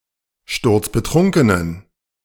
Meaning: inflection of sturzbetrunken: 1. strong genitive masculine/neuter singular 2. weak/mixed genitive/dative all-gender singular 3. strong/weak/mixed accusative masculine singular 4. strong dative plural
- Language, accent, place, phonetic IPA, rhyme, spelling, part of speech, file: German, Germany, Berlin, [ˈʃtʊʁt͡sbəˈtʁʊŋkənən], -ʊŋkənən, sturzbetrunkenen, adjective, De-sturzbetrunkenen.ogg